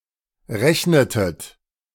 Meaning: inflection of rechnen: 1. second-person plural preterite 2. second-person plural subjunctive II
- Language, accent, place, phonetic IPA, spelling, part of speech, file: German, Germany, Berlin, [ˈʁɛçnətət], rechnetet, verb, De-rechnetet.ogg